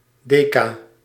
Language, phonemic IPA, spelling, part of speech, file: Dutch, /ˈdeː.kaː/, deca-, prefix, Nl-deca-.ogg
- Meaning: deca-